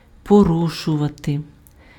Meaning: 1. to break, to breach, to violate, to contravene, to infringe, to transgress (:law, rule, regulation) 2. to break, to breach, to violate (:promise, oath, agreement)
- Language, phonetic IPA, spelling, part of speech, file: Ukrainian, [poˈruʃʊʋɐte], порушувати, verb, Uk-порушувати.ogg